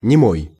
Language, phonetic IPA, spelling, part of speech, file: Russian, [nʲɪˈmoj], немой, adjective / noun, Ru-немой.ogg
- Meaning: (adjective) dumb, mute; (noun) dumb (unable to speak) person, mute person